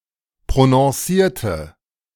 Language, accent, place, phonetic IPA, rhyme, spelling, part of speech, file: German, Germany, Berlin, [pʁonɔ̃ˈsiːɐ̯tə], -iːɐ̯tə, prononcierte, adjective / verb, De-prononcierte.ogg
- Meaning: inflection of prononciert: 1. strong/mixed nominative/accusative feminine singular 2. strong nominative/accusative plural 3. weak nominative all-gender singular